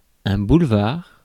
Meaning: 1. bulwark, rampart 2. boulevard, avenue 3. causeway
- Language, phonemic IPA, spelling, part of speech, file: French, /bul.vaʁ/, boulevard, noun, Fr-boulevard.ogg